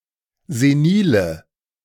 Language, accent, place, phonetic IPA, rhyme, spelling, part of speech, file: German, Germany, Berlin, [zeˈniːlə], -iːlə, senile, adjective, De-senile.ogg
- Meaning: inflection of senil: 1. strong/mixed nominative/accusative feminine singular 2. strong nominative/accusative plural 3. weak nominative all-gender singular 4. weak accusative feminine/neuter singular